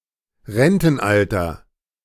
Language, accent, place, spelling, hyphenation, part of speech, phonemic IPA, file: German, Germany, Berlin, Rentenalter, Ren‧ten‧al‧ter, noun, /ˈʁɛntn̩ˌʔaltɐ/, De-Rentenalter.ogg
- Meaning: 1. pension age, pensionable age (age at which one qualifies to receive a pension) 2. retirement age (age of withdrawal from the workforce, often associated with commencement of pension payment)